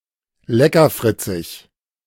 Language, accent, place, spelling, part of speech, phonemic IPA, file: German, Germany, Berlin, leckerfritzig, adjective, /ˈlɛkɐˌfʁɪt͡sɪç/, De-leckerfritzig.ogg
- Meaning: 1. appetent, or fond of sweets right now or as a habit 2. appealing to taste (also figuratively)